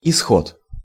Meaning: 1. outcome, issue 2. Exodus 3. outlet 4. way out (from a situation)
- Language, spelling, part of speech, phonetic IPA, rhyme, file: Russian, исход, noun, [ɪˈsxot], -ot, Ru-исход.ogg